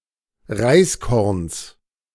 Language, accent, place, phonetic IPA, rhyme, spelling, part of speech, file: German, Germany, Berlin, [ˈʁaɪ̯sˌkɔʁns], -aɪ̯skɔʁns, Reiskorns, noun, De-Reiskorns.ogg
- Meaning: genitive of Reiskorn